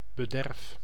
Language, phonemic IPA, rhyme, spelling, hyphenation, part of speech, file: Dutch, /bəˈdɛrf/, -ɛrf, bederf, be‧derf, noun / verb, Nl-bederf.ogg
- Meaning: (noun) 1. decay, rotting 2. deterioration, worsening 3. need, necessity; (verb) inflection of bederven: 1. first-person singular present indicative 2. second-person singular present indicative